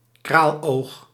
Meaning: 1. beady eye 2. bead used as an eye (in dolls)
- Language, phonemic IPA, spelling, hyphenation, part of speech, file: Dutch, /ˈkraːl.oːx/, kraaloog, kraal‧oog, noun, Nl-kraaloog.ogg